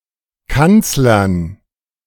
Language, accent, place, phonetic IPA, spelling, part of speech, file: German, Germany, Berlin, [ˈkant͡slɐn], Kanzlern, noun, De-Kanzlern.ogg
- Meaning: dative plural of Kanzler